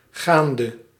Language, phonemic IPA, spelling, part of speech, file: Dutch, /ˈɣandə/, gaande, verb / adjective / preposition, Nl-gaande.ogg
- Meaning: 1. inflection of gaand: masculine/feminine singular attributive 2. inflection of gaand: definite neuter singular attributive 3. inflection of gaand: plural attributive 4. amazing, lit